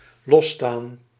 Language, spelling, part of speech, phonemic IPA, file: Dutch, losstaan, verb, /ˈlɔstaːn/, Nl-losstaan.ogg
- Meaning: to be independent (of), to stand apart (from)